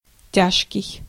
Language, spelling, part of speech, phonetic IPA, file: Russian, тяжкий, adjective, [ˈtʲaʂkʲɪj], Ru-тяжкий.ogg
- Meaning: 1. hard, grave 2. terrible, painful